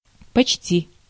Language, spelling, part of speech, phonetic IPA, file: Russian, почти, adverb / verb, [pɐt͡ɕˈtʲi], Ru-почти.ogg
- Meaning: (adverb) almost, nearly; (verb) 1. second-person singular imperative perfective of поче́сть (počéstʹ, “consider”) 2. second-person singular imperative perfective of почти́ть (počtítʹ, “honour/honor”)